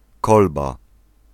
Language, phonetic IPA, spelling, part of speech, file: Polish, [ˈkɔlba], kolba, noun, Pl-kolba.ogg